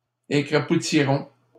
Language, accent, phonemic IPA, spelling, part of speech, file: French, Canada, /e.kʁa.pu.ti.ʁɔ̃/, écrapoutiront, verb, LL-Q150 (fra)-écrapoutiront.wav
- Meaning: third-person plural simple future of écrapoutir